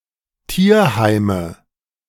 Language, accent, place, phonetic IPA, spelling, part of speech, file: German, Germany, Berlin, [ˈtiːɐ̯ˌhaɪ̯mə], Tierheime, noun, De-Tierheime.ogg
- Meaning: nominative/accusative/genitive plural of Tierheim